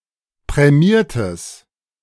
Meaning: strong/mixed nominative/accusative neuter singular of prämiert
- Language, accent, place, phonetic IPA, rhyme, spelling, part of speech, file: German, Germany, Berlin, [pʁɛˈmiːɐ̯təs], -iːɐ̯təs, prämiertes, adjective, De-prämiertes.ogg